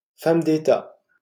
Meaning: female equivalent of homme d'État: stateswoman
- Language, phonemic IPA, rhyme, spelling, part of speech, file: French, /fam d‿e.ta/, -a, femme d'État, noun, LL-Q150 (fra)-femme d'État.wav